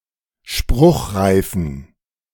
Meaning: inflection of spruchreif: 1. strong genitive masculine/neuter singular 2. weak/mixed genitive/dative all-gender singular 3. strong/weak/mixed accusative masculine singular 4. strong dative plural
- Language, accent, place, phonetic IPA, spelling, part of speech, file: German, Germany, Berlin, [ˈʃpʁʊxʁaɪ̯fn̩], spruchreifen, adjective, De-spruchreifen.ogg